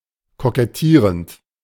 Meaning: present participle of kokettieren
- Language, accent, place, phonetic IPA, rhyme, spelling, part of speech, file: German, Germany, Berlin, [kokɛˈtiːʁənt], -iːʁənt, kokettierend, verb, De-kokettierend.ogg